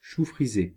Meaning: curly kale
- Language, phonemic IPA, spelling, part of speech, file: French, /ʃu fʁi.ze/, chou frisé, noun, Fr-chou frisé.ogg